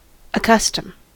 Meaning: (verb) 1. To make familiar by use; to cause to accept; to habituate, familiarize, or inure 2. To be wont 3. To cohabit; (noun) Custom
- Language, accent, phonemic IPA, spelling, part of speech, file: English, US, /əˈkʌs.təm/, accustom, verb / noun, En-us-accustom.ogg